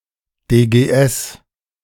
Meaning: Deutsche Gebärdensprache: German Sign Language
- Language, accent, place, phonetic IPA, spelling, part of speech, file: German, Germany, Berlin, [deːɡeːˈʔɛs], DGS, abbreviation, De-DGS.ogg